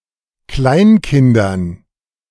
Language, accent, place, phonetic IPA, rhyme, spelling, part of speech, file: German, Germany, Berlin, [ˈklaɪ̯nˌkɪndɐn], -aɪ̯nkɪndɐn, Kleinkindern, noun, De-Kleinkindern.ogg
- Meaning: dative plural of Kleinkind